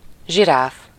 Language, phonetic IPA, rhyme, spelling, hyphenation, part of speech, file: Hungarian, [ˈʒiraːf], -aːf, zsiráf, zsi‧ráf, noun, Hu-zsiráf.ogg
- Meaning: giraffe